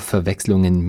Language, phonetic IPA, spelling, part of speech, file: German, [fɛɐ̯ˈvɛkslʊŋən], Verwechslungen, noun, De-Verwechslungen.ogg
- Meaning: plural of Verwechslung